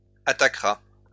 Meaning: third-person singular future of attaquer
- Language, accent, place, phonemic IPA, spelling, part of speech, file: French, France, Lyon, /a.ta.kʁa/, attaquera, verb, LL-Q150 (fra)-attaquera.wav